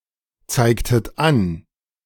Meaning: inflection of anzeigen: 1. second-person plural preterite 2. second-person plural subjunctive II
- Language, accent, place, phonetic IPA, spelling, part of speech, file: German, Germany, Berlin, [ˌt͡saɪ̯ktət ˈan], zeigtet an, verb, De-zeigtet an.ogg